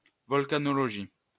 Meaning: volcanology (study of volcanoes)
- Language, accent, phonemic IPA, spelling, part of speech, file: French, France, /vɔl.ka.nɔ.lɔ.ʒi/, volcanologie, noun, LL-Q150 (fra)-volcanologie.wav